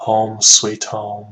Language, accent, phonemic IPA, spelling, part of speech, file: English, US, /hoʊm swiːt hoʊm/, home sweet home, interjection / noun, Home sweet home US.ogg
- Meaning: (interjection) Expressing contentment or relief at residing in or returning to one's own home; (noun) One's home, especially a nice, comfortable home